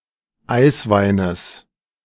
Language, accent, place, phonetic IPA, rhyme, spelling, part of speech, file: German, Germany, Berlin, [ˈaɪ̯sˌvaɪ̯nəs], -aɪ̯svaɪ̯nəs, Eisweines, noun, De-Eisweines.ogg
- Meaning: genitive of Eiswein